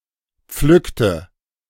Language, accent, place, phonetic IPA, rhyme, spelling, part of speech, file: German, Germany, Berlin, [ˈp͡flʏktə], -ʏktə, pflückte, verb, De-pflückte.ogg
- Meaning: inflection of pflücken: 1. first/third-person singular preterite 2. first/third-person singular subjunctive II